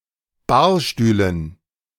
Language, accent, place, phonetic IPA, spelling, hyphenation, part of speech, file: German, Germany, Berlin, [ˈbaːɐ̯ˌʃtyːlən], Barstühlen, Bar‧stüh‧len, noun, De-Barstühlen.ogg
- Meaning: dative plural of Barstuhl